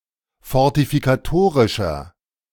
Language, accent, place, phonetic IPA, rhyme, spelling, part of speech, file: German, Germany, Berlin, [fɔʁtifikaˈtoːʁɪʃɐ], -oːʁɪʃɐ, fortifikatorischer, adjective, De-fortifikatorischer.ogg
- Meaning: inflection of fortifikatorisch: 1. strong/mixed nominative masculine singular 2. strong genitive/dative feminine singular 3. strong genitive plural